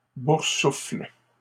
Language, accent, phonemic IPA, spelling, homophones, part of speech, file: French, Canada, /buʁ.sufl/, boursouffles, boursouffle / boursoufflent, verb, LL-Q150 (fra)-boursouffles.wav
- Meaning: second-person singular present indicative/subjunctive of boursouffler